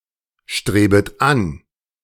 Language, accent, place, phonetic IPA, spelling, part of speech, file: German, Germany, Berlin, [ˌʃtʁeːbət ˈan], strebet an, verb, De-strebet an.ogg
- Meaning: second-person plural subjunctive I of anstreben